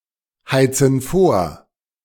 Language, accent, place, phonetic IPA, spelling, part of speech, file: German, Germany, Berlin, [ˌhaɪ̯t͡sn̩ ˈfoːɐ̯], heizen vor, verb, De-heizen vor.ogg
- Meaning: inflection of vorheizen: 1. first/third-person plural present 2. first/third-person plural subjunctive I